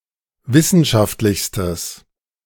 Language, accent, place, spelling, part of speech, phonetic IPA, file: German, Germany, Berlin, wissenschaftlichstes, adjective, [ˈvɪsn̩ʃaftlɪçstəs], De-wissenschaftlichstes.ogg
- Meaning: strong/mixed nominative/accusative neuter singular superlative degree of wissenschaftlich